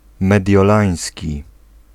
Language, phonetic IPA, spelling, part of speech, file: Polish, [ˌmɛdʲjɔˈlãj̃sʲci], mediolański, adjective, Pl-mediolański.ogg